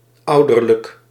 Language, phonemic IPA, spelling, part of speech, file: Dutch, /ˈɑudərlək/, ouderlijk, adjective, Nl-ouderlijk.ogg
- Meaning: parental